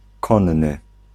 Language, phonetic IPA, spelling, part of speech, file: Polish, [ˈkɔ̃nːɨ], konny, adjective / noun, Pl-konny.ogg